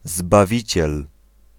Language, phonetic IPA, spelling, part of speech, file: Polish, [zbaˈvʲit͡ɕɛl], Zbawiciel, proper noun, Pl-Zbawiciel.ogg